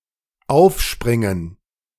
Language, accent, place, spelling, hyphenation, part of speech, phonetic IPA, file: German, Germany, Berlin, aufspringen, auf‧sprin‧gen, verb, [ˈʔaʊ̯fʃpʁɪŋən], De-aufspringen.ogg
- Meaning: 1. to jump (up) on something 2. to spring/leap to one's feet, to start up, to jump up from something 3. to bounce (a ball on the floor)